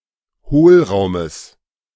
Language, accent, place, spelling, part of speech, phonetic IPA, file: German, Germany, Berlin, Hohlraumes, noun, [ˈhoːlˌʁaʊ̯məs], De-Hohlraumes.ogg
- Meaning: genitive singular of Hohlraum